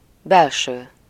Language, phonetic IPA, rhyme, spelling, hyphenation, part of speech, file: Hungarian, [ˈbɛlʃøː], -ʃøː, belső, bel‧ső, adjective / noun, Hu-belső.ogg
- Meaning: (adjective) interior, internal, inner, inside, end-/endo- (having to do with the inner part of something); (noun) interior, inside